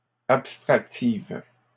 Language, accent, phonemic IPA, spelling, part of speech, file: French, Canada, /ap.stʁak.tiv/, abstractive, adjective, LL-Q150 (fra)-abstractive.wav
- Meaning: feminine singular of abstractif